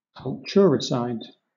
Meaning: 1. The systematic destruction of a culture, particularly one unique to a specific ethnicity, or a political, religious, or social group 2. An instance of such destruction
- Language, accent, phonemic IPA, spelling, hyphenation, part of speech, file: English, Southern England, /kʌlˈt͡ʃʊəɹɪˌsaɪd/, culturicide, cul‧tur‧i‧cide, noun, LL-Q1860 (eng)-culturicide.wav